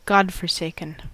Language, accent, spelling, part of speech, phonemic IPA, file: English, US, godforsaken, adjective, /ˌɡɒd.fə(ɹ)ˈseɪ.kɪn/, En-us-godforsaken.ogg
- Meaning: 1. Abandoned by a deity or God 2. Desolate, boring and depressing